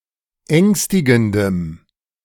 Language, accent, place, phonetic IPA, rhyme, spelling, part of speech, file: German, Germany, Berlin, [ˈɛŋstɪɡn̩dəm], -ɛŋstɪɡn̩dəm, ängstigendem, adjective, De-ängstigendem.ogg
- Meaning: strong dative masculine/neuter singular of ängstigend